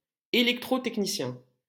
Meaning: electrotechnician
- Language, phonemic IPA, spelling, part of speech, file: French, /e.lɛk.tʁo.tɛk.ni.sjɛ̃/, électrotechnicien, noun, LL-Q150 (fra)-électrotechnicien.wav